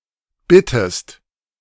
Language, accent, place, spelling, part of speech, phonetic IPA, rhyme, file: German, Germany, Berlin, bittest, verb, [ˈbɪtəst], -ɪtəst, De-bittest.ogg
- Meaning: inflection of bitten: 1. second-person singular present 2. second-person singular subjunctive I